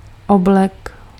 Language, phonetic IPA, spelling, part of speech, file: Czech, [ˈoblɛk], oblek, noun / verb, Cs-oblek.ogg
- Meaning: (noun) suit (set of clothes to be worn together); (verb) masculine singular past transgressive of obléct